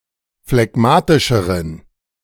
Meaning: inflection of phlegmatisch: 1. strong genitive masculine/neuter singular comparative degree 2. weak/mixed genitive/dative all-gender singular comparative degree
- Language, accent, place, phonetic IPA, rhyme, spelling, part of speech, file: German, Germany, Berlin, [flɛˈɡmaːtɪʃəʁən], -aːtɪʃəʁən, phlegmatischeren, adjective, De-phlegmatischeren.ogg